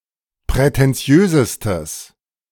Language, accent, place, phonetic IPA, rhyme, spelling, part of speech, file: German, Germany, Berlin, [pʁɛtɛnˈt͡si̯øːzəstəs], -øːzəstəs, prätentiösestes, adjective, De-prätentiösestes.ogg
- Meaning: strong/mixed nominative/accusative neuter singular superlative degree of prätentiös